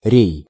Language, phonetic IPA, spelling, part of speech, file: Russian, [rʲej], рей, noun / verb, Ru-рей.ogg
- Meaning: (noun) yard, a crossways-mast on a ship; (verb) second-person singular imperative imperfective of ре́ять (réjatʹ); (noun) genitive plural of ре́я (réja)